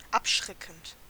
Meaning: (verb) present participle of abschrecken; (adjective) deterrent, serving to deter and scare off
- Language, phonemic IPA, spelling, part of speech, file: German, /ˈapˌʃʁɛkn̩t/, abschreckend, verb / adjective, De-abschreckend.ogg